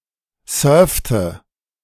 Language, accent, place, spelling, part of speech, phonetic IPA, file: German, Germany, Berlin, surfte, verb, [ˈsœːɐ̯ftə], De-surfte.ogg
- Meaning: inflection of surfen: 1. first/third-person singular preterite 2. first/third-person singular subjunctive II